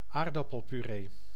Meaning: mashed potatoes (potatoes that have been boiled and mashed)
- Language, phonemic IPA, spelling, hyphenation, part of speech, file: Dutch, /ˈaːr.dɑ.pəl.pyˌreː/, aardappelpuree, aard‧ap‧pel‧pu‧ree, noun, Nl-aardappelpuree.ogg